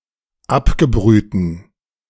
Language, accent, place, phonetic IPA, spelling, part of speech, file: German, Germany, Berlin, [ˈapɡəˌbʁyːtn̩], abgebrühten, adjective, De-abgebrühten.ogg
- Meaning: inflection of abgebrüht: 1. strong genitive masculine/neuter singular 2. weak/mixed genitive/dative all-gender singular 3. strong/weak/mixed accusative masculine singular 4. strong dative plural